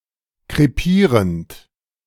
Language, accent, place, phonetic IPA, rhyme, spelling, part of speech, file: German, Germany, Berlin, [kʁeˈpiːʁənt], -iːʁənt, krepierend, verb, De-krepierend.ogg
- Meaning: present participle of krepieren